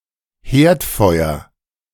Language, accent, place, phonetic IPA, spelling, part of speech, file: German, Germany, Berlin, [ˈheːɐ̯tˌfɔɪ̯ɐ], Herdfeuer, noun, De-Herdfeuer.ogg
- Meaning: hearth (or more literally, the fire therein; particularly as a place around which the family gathers)